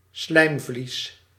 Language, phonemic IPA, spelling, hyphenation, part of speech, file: Dutch, /ˈslɛi̯m.vlis/, slijmvlies, slijm‧vlies, noun, Nl-slijmvlies.ogg
- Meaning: mucous membrane